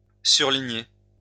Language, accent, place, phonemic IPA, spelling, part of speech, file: French, France, Lyon, /syʁ.li.ɲe/, surligner, verb, LL-Q150 (fra)-surligner.wav
- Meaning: to highlight (make more obvious)